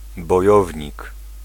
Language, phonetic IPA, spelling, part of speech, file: Polish, [bɔ.ˈjɔ.vʲɲik], bojownik, noun, Pl-bojownik.ogg